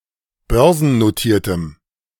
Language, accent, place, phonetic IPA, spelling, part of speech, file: German, Germany, Berlin, [ˈbœʁzn̩noˌtiːɐ̯təm], börsennotiertem, adjective, De-börsennotiertem.ogg
- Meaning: strong dative masculine/neuter singular of börsennotiert